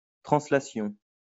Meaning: 1. translation 2. thunking
- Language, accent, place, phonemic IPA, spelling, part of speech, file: French, France, Lyon, /tʁɑ̃.sla.sjɔ̃/, translation, noun, LL-Q150 (fra)-translation.wav